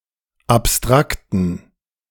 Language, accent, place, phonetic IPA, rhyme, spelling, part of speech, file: German, Germany, Berlin, [apˈstʁaktn̩], -aktn̩, abstrakten, adjective, De-abstrakten.ogg
- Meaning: inflection of abstrakt: 1. strong genitive masculine/neuter singular 2. weak/mixed genitive/dative all-gender singular 3. strong/weak/mixed accusative masculine singular 4. strong dative plural